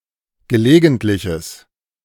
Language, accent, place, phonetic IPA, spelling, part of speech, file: German, Germany, Berlin, [ɡəˈleːɡn̩tlɪçəs], gelegentliches, adjective, De-gelegentliches.ogg
- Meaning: strong/mixed nominative/accusative neuter singular of gelegentlich